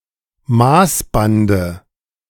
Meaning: dative singular of Maßband
- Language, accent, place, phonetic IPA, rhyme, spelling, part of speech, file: German, Germany, Berlin, [ˈmaːsbandə], -aːsbandə, Maßbande, noun, De-Maßbande.ogg